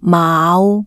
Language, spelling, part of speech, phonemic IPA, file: Cantonese, maau5, romanization, /maːu˩˧/, Yue-maau5.ogg
- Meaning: 1. Jyutping transcription of 卯 2. Jyutping transcription of 牡